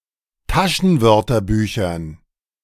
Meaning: dative plural of Taschenwörterbuch
- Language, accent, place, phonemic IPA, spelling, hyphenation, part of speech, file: German, Germany, Berlin, /ˈtaʃənˌvœʁtɐbyːçɐn/, Taschenwörterbüchern, Ta‧schen‧wör‧ter‧bü‧chern, noun, De-Taschenwörterbüchern.ogg